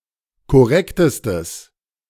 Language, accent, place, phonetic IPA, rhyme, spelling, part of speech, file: German, Germany, Berlin, [kɔˈʁɛktəstəs], -ɛktəstəs, korrektestes, adjective, De-korrektestes.ogg
- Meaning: strong/mixed nominative/accusative neuter singular superlative degree of korrekt